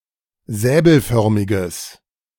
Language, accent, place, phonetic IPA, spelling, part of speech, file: German, Germany, Berlin, [ˈzɛːbl̩ˌfœʁmɪɡəs], säbelförmiges, adjective, De-säbelförmiges.ogg
- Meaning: strong/mixed nominative/accusative neuter singular of säbelförmig